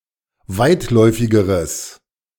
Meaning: strong/mixed nominative/accusative neuter singular comparative degree of weitläufig
- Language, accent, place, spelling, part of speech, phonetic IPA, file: German, Germany, Berlin, weitläufigeres, adjective, [ˈvaɪ̯tˌlɔɪ̯fɪɡəʁəs], De-weitläufigeres.ogg